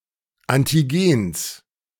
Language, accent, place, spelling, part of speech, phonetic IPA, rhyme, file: German, Germany, Berlin, Antigens, noun, [ˌantiˈɡeːns], -eːns, De-Antigens.ogg
- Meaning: genitive singular of Antigen